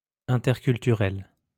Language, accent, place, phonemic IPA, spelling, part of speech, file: French, France, Lyon, /ɛ̃.tɛʁ.kyl.ty.ʁɛl/, interculturel, adjective, LL-Q150 (fra)-interculturel.wav
- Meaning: intercultural